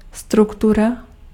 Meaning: structure
- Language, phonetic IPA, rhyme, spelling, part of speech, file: Czech, [ˈstruktura], -ura, struktura, noun, Cs-struktura.ogg